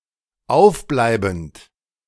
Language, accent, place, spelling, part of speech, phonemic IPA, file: German, Germany, Berlin, aufbleibend, verb, /ˈaʊ̯fˌblaɪ̯bənd/, De-aufbleibend.ogg
- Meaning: present participle of aufbleiben